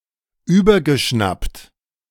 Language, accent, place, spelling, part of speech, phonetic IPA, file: German, Germany, Berlin, übergeschnappt, verb, [ˈyːbɐɡəˌʃnapt], De-übergeschnappt.ogg
- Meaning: past participle of überschnappen